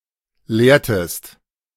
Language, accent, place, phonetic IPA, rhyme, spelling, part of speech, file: German, Germany, Berlin, [ˈleːɐ̯təst], -eːɐ̯təst, lehrtest, verb, De-lehrtest.ogg
- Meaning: inflection of lehren: 1. second-person singular preterite 2. second-person singular subjunctive II